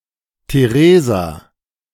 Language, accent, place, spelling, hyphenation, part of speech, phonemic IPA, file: German, Germany, Berlin, Theresa, The‧re‧sa, proper noun, /teˈʁeːza/, De-Theresa.ogg
- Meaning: a female given name, equivalent to English Theresa